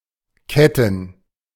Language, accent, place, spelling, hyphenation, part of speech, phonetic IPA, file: German, Germany, Berlin, ketten, ket‧ten, verb, [ˈkɛtn̩], De-ketten.ogg
- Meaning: to chain